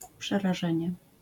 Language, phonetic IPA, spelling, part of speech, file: Polish, [ˌpʃɛraˈʒɛ̃ɲɛ], przerażenie, noun, LL-Q809 (pol)-przerażenie.wav